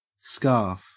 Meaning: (noun) 1. A long, often knitted, garment worn around the neck 2. A headscarf 3. A neckcloth or cravat; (verb) To throw on loosely; to put on like a scarf
- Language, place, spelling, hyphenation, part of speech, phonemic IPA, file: English, Queensland, scarf, scarf, noun / verb, /skɐːf/, En-au-scarf.ogg